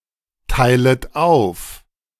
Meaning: second-person plural subjunctive I of aufteilen
- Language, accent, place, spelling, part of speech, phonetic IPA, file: German, Germany, Berlin, teilet auf, verb, [ˌtaɪ̯lət ˈaʊ̯f], De-teilet auf.ogg